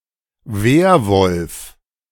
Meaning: werewolf
- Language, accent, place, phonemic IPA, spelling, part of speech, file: German, Germany, Berlin, /ˈveːrˌvɔlf/, Werwolf, noun, De-Werwolf.ogg